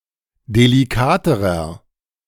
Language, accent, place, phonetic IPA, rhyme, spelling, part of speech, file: German, Germany, Berlin, [deliˈkaːtəʁɐ], -aːtəʁɐ, delikaterer, adjective, De-delikaterer.ogg
- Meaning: inflection of delikat: 1. strong/mixed nominative masculine singular comparative degree 2. strong genitive/dative feminine singular comparative degree 3. strong genitive plural comparative degree